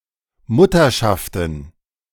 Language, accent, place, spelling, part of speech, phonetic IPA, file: German, Germany, Berlin, Mutterschaften, noun, [ˈmʊtɐˌʃaftn̩], De-Mutterschaften.ogg
- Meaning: plural of Mutterschaft